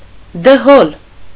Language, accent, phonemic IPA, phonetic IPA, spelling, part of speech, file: Armenian, Eastern Armenian, /dəˈhol/, [dəhól], դհոլ, noun, Hy-դհոլ.ogg
- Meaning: 1. dhol 2. an opposition figure, which becomes a supporter of the government